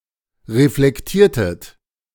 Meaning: inflection of reflektieren: 1. second-person plural preterite 2. second-person plural subjunctive II
- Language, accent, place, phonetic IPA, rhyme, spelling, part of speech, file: German, Germany, Berlin, [ʁeflɛkˈtiːɐ̯tət], -iːɐ̯tət, reflektiertet, verb, De-reflektiertet.ogg